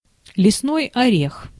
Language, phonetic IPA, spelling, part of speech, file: Russian, [lʲɪsˈnoj ɐˈrʲex], лесной орех, noun, Ru-лесной орех.ogg
- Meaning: 1. hazelnut 2. hazel (tree / shrub) 3. hazel (color) 4. nitwit, nit